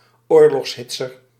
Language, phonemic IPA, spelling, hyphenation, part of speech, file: Dutch, /ˈoːr.lɔxsˌɦɪtsər/, oorlogshitser, oor‧logs‧hit‧ser, noun, Nl-oorlogshitser.ogg
- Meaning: someone who advocates war, a warmonger